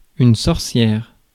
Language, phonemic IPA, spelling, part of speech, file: French, /sɔʁ.sjɛʁ/, sorcière, noun, Fr-sorcière.ogg
- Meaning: witch, sorceress